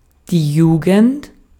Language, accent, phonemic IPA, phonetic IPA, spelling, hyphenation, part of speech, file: German, Austria, /ˈjuːɡənt/, [ˈjuːɡŋ̍t], Jugend, Ju‧gend, noun, De-at-Jugend.ogg
- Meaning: 1. youth (quality or state of being young; part of life following childhood) 2. youth (young people collectively)